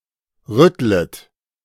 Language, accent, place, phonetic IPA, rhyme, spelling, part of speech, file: German, Germany, Berlin, [ˈʁʏtlət], -ʏtlət, rüttlet, verb, De-rüttlet.ogg
- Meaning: second-person plural subjunctive I of rütteln